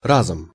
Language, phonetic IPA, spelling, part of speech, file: Russian, [ˈrazəm], разом, noun / adverb, Ru-разом.ogg
- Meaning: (noun) instrumental singular of раз (raz); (adverb) 1. at the same time, simultaneously 2. suddenly, all of a sudden 3. at once